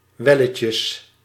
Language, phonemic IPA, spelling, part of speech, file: Dutch, /ˈʋɛlətjəs/, welletjes, adjective / noun, Nl-welletjes.ogg
- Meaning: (adjective) enough; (noun) plural of welletje